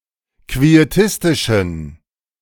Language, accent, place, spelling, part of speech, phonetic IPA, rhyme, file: German, Germany, Berlin, quietistischen, adjective, [kvieˈtɪstɪʃn̩], -ɪstɪʃn̩, De-quietistischen.ogg
- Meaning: inflection of quietistisch: 1. strong genitive masculine/neuter singular 2. weak/mixed genitive/dative all-gender singular 3. strong/weak/mixed accusative masculine singular 4. strong dative plural